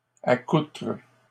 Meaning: second-person singular present indicative/subjunctive of accoutrer
- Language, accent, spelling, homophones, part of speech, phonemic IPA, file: French, Canada, accoutres, accoutre / accoutrent, verb, /a.kutʁ/, LL-Q150 (fra)-accoutres.wav